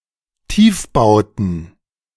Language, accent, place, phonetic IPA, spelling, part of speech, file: German, Germany, Berlin, [ˈtiːfˌbaʊ̯tn̩], Tiefbauten, noun, De-Tiefbauten.ogg
- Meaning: plural of Tiefbau